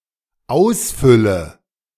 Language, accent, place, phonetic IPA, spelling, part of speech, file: German, Germany, Berlin, [ˈaʊ̯sˌfʏlə], ausfülle, verb, De-ausfülle.ogg
- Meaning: inflection of ausfüllen: 1. first-person singular dependent present 2. first/third-person singular dependent subjunctive I